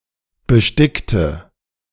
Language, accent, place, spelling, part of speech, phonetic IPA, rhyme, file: German, Germany, Berlin, bestickte, adjective / verb, [bəˈʃtɪktə], -ɪktə, De-bestickte.ogg
- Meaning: inflection of besticken: 1. first/third-person singular preterite 2. first/third-person singular subjunctive II